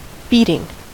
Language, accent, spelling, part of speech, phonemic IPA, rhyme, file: English, US, beating, noun / verb, /ˈbiːtɪŋ/, -iːtɪŋ, En-us-beating.ogg
- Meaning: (noun) 1. The action by which someone or something is beaten 2. A heavy defeat or setback 3. The pulsation of the heart; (verb) present participle and gerund of beat